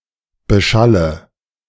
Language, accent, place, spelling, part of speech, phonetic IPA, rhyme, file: German, Germany, Berlin, beschalle, verb, [bəˈʃalə], -alə, De-beschalle.ogg
- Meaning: inflection of beschallen: 1. first-person singular present 2. first/third-person singular subjunctive I 3. singular imperative